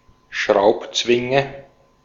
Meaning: clamp (tool)
- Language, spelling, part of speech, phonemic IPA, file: German, Schraubzwinge, noun, /ˈʃʁaʊ̯pˌt͡svɪŋə/, De-at-Schraubzwinge.ogg